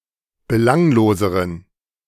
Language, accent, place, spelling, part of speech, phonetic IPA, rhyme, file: German, Germany, Berlin, belangloseren, adjective, [bəˈlaŋloːzəʁən], -aŋloːzəʁən, De-belangloseren.ogg
- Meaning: inflection of belanglos: 1. strong genitive masculine/neuter singular comparative degree 2. weak/mixed genitive/dative all-gender singular comparative degree